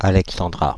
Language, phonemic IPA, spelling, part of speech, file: French, /a.lɛk.sɑ̃.dʁa/, Alexandra, proper noun, Fr-Alexandra.ogg
- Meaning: a female given name from Ancient Greek, equivalent to English Alexandra